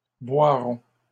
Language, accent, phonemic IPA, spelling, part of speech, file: French, Canada, /bwa.ʁɔ̃/, boiront, verb, LL-Q150 (fra)-boiront.wav
- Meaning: third-person plural future of boire